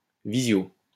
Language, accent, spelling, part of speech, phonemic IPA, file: French, France, visio, noun, /vi.zjo/, LL-Q150 (fra)-visio.wav
- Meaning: video conference